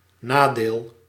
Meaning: disadvantage
- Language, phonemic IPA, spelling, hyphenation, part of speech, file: Dutch, /ˈnaː.deːl/, nadeel, na‧deel, noun, Nl-nadeel.ogg